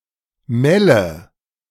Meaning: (noun) obsolete form of Melde (“saltbush”); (proper noun) a town in Osnabrück district, Lower Saxony, Germany, bordering Eastern Westphalia
- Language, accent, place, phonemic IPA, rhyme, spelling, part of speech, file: German, Germany, Berlin, /ˈmɛlə/, -ɛlə, Melle, noun / proper noun, De-Melle.ogg